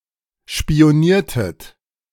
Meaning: inflection of spionieren: 1. second-person plural preterite 2. second-person plural subjunctive II
- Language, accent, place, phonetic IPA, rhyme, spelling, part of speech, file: German, Germany, Berlin, [ʃpi̯oˈniːɐ̯tət], -iːɐ̯tət, spioniertet, verb, De-spioniertet.ogg